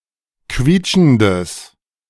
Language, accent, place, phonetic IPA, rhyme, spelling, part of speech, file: German, Germany, Berlin, [ˈkviːt͡ʃn̩dəs], -iːt͡ʃn̩dəs, quietschendes, adjective, De-quietschendes.ogg
- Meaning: strong/mixed nominative/accusative neuter singular of quietschend